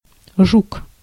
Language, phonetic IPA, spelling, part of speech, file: Russian, [ʐuk], жук, noun, Ru-жук.ogg
- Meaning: 1. beetle 2. rogue, crook